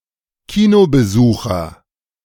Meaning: moviegoer, cinemagoer
- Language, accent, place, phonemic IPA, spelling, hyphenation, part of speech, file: German, Germany, Berlin, /ˈkiːnoːbəˌzuːxɐ/, Kinobesucher, Ki‧no‧be‧su‧cher, noun, De-Kinobesucher.ogg